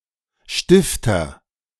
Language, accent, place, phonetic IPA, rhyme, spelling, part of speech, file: German, Germany, Berlin, [ˈʃtɪftɐ], -ɪftɐ, Stifter, noun / proper noun, De-Stifter.ogg
- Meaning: nominative/accusative/genitive plural of Stift